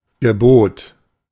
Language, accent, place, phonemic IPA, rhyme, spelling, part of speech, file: German, Germany, Berlin, /ɡəˈboːt/, -oːt, Gebot, noun, De-Gebot.ogg
- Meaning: 1. command, commandment 2. bid, bidding